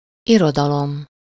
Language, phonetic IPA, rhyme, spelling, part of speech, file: Hungarian, [ˈirodɒlom], -om, irodalom, noun, Hu-irodalom.ogg
- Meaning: 1. literature (body of all written works) 2. literature (collected creative writing of a nation, people, group, or culture)